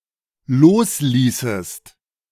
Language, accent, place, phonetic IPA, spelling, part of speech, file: German, Germany, Berlin, [ˈloːsˌliːsəst], losließest, verb, De-losließest.ogg
- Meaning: second-person singular dependent subjunctive II of loslassen